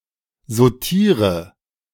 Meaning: inflection of sautieren: 1. first-person singular present 2. first/third-person singular subjunctive I 3. singular imperative
- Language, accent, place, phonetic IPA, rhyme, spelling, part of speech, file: German, Germany, Berlin, [zoˈtiːʁə], -iːʁə, sautiere, verb, De-sautiere.ogg